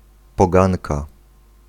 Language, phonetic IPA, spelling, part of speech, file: Polish, [pɔˈɡãnka], poganka, noun, Pl-poganka.ogg